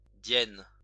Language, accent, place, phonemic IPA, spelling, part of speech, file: French, France, Lyon, /djɛn/, diène, noun, LL-Q150 (fra)-diène.wav
- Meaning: diene